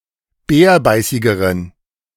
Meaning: inflection of bärbeißig: 1. strong genitive masculine/neuter singular comparative degree 2. weak/mixed genitive/dative all-gender singular comparative degree
- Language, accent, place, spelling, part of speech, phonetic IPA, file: German, Germany, Berlin, bärbeißigeren, adjective, [ˈbɛːɐ̯ˌbaɪ̯sɪɡəʁən], De-bärbeißigeren.ogg